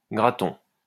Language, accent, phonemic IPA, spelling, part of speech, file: French, France, /ɡʁa.tɔ̃/, graton, noun, LL-Q150 (fra)-graton.wav
- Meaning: 1. alternative form of gratton 2. crackling, pork rind 3. crispy layer of rice at the bottom of a dish such as jambalaya